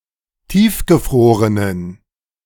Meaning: inflection of tiefgefroren: 1. strong genitive masculine/neuter singular 2. weak/mixed genitive/dative all-gender singular 3. strong/weak/mixed accusative masculine singular 4. strong dative plural
- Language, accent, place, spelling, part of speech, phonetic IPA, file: German, Germany, Berlin, tiefgefrorenen, adjective, [ˈtiːfɡəˌfʁoːʁənən], De-tiefgefrorenen.ogg